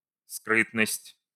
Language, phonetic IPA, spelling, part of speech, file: Russian, [ˈskrɨtnəsʲtʲ], скрытность, noun, Ru-скрытность.ogg
- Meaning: 1. secretiveness 2. secrecy